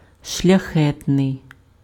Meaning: 1. noble 2. generous
- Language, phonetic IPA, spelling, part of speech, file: Ukrainian, [ʃlʲɐˈxɛtnei̯], шляхетний, adjective, Uk-шляхетний.ogg